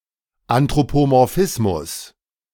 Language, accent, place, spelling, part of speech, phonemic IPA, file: German, Germany, Berlin, Anthropomorphismus, noun, /ˌantʁopomɔʁˈfɪsmʊs/, De-Anthropomorphismus.ogg
- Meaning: anthropomorphism, the ascribing of human characteristics and behaviors to nonhuman animals and creatures